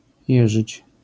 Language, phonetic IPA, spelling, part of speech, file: Polish, [ˈjɛʒɨt͡ɕ], jeżyć, verb, LL-Q809 (pol)-jeżyć.wav